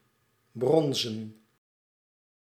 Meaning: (adjective) bronze, bronzen; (verb) to bronze; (noun) plural of brons
- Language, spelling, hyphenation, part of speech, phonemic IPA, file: Dutch, bronzen, bron‧zen, adjective / verb / noun, /ˈbrɔn.zə(n)/, Nl-bronzen.ogg